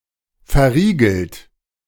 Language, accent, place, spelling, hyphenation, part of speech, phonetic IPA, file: German, Germany, Berlin, verriegelt, ver‧rie‧gelt, verb / adjective, [fɛɐ̯ˈʁiːɡl̩t], De-verriegelt.ogg
- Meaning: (verb) past participle of verriegeln; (adjective) bolted, locked; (verb) inflection of verriegeln: 1. third-person singular present 2. second-person plural present 3. plural imperative